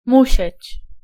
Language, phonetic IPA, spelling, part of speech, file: Polish, [ˈmuɕɛ̇t͡ɕ], musieć, verb, Pl-musieć.ogg